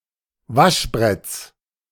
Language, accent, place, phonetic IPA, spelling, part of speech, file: German, Germany, Berlin, [ˈvaʃˌbʁɛt͡s], Waschbretts, noun, De-Waschbretts.ogg
- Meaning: genitive singular of Waschbrett